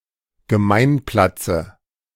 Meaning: dative singular of Gemeinplatz
- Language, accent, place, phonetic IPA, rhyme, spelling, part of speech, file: German, Germany, Berlin, [ɡəˈmaɪ̯nˌplat͡sə], -aɪ̯nplat͡sə, Gemeinplatze, noun, De-Gemeinplatze.ogg